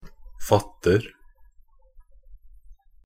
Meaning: present tense of fatte
- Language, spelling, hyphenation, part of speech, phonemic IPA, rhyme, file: Norwegian Bokmål, fatter, fat‧ter, verb, /ˈfatːər/, -ər, Nb-fatter.ogg